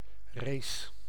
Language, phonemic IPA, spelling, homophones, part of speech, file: Dutch, /reːs/, race, rees, noun / verb, Nl-race.ogg
- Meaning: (noun) a speed contest, a race; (verb) inflection of racen: 1. first-person singular present indicative 2. second-person singular present indicative 3. imperative 4. singular present subjunctive